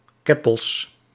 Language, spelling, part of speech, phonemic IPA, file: Dutch, keppels, noun, /ˈkɛpəls/, Nl-keppels.ogg
- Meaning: plural of keppel